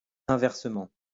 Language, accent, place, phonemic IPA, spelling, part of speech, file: French, France, Lyon, /ɛ̃.vɛʁ.sə.mɑ̃/, inversement, adverb, LL-Q150 (fra)-inversement.wav
- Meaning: inversely, conversely